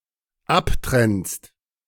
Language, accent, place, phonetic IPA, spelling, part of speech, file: German, Germany, Berlin, [ˈapˌtʁɛnst], abtrennst, verb, De-abtrennst.ogg
- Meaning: second-person singular dependent present of abtrennen